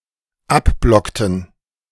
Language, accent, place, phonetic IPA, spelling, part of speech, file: German, Germany, Berlin, [ˈapˌblɔktn̩], abblockten, verb, De-abblockten.ogg
- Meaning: inflection of abblocken: 1. first/third-person plural dependent preterite 2. first/third-person plural dependent subjunctive II